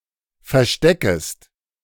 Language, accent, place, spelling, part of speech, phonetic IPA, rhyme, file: German, Germany, Berlin, versteckest, verb, [fɛɐ̯ˈʃtɛkəst], -ɛkəst, De-versteckest.ogg
- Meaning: second-person singular subjunctive I of verstecken